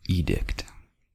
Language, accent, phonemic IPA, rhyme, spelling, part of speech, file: English, US, /ˈiː.dɪkt/, -ɪkt, edict, noun, En-us-edict.ogg
- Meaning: A proclamation of law or other authoritative command